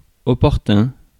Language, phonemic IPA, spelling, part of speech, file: French, /ɔ.pɔʁ.tœ̃/, opportun, adjective, Fr-opportun.ogg
- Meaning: 1. opportune, timely 2. expedient 3. suitable